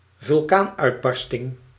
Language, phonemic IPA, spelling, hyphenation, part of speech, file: Dutch, /vʏlˈkaːn.œy̯tˌbɑr.stɪŋ/, vulkaanuitbarsting, vul‧kaan‧uit‧bar‧sting, noun, Nl-vulkaanuitbarsting.ogg
- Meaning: volcanic eruption